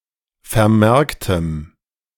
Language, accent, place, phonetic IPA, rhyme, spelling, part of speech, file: German, Germany, Berlin, [fɛɐ̯ˈmɛʁktəm], -ɛʁktəm, vermerktem, adjective, De-vermerktem.ogg
- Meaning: strong dative masculine/neuter singular of vermerkt